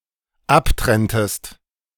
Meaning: inflection of abtrennen: 1. second-person singular dependent preterite 2. second-person singular dependent subjunctive II
- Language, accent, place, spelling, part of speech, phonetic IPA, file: German, Germany, Berlin, abtrenntest, verb, [ˈapˌtʁɛntəst], De-abtrenntest.ogg